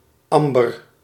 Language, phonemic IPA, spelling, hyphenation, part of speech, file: Dutch, /ˈɑmbər/, Amber, Am‧ber, proper noun, Nl-Amber.ogg
- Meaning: a female given name, Amber